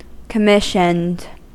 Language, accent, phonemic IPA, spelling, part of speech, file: English, US, /kəˈmɪʃənd/, commissioned, adjective / verb, En-us-commissioned.ogg
- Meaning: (adjective) 1. Holding a commission; officially appointed 2. Specially ordered; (verb) simple past and past participle of commission